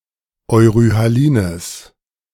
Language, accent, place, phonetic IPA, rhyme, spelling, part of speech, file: German, Germany, Berlin, [ɔɪ̯ʁyhaˈliːnəs], -iːnəs, euryhalines, adjective, De-euryhalines.ogg
- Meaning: strong/mixed nominative/accusative neuter singular of euryhalin